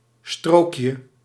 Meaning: diminutive of strook
- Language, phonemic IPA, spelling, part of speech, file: Dutch, /ˈstrokjə/, strookje, noun, Nl-strookje.ogg